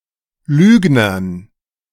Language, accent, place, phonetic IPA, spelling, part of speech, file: German, Germany, Berlin, [ˈlyːɡnɐn], Lügnern, noun, De-Lügnern.ogg
- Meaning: dative plural of Lügner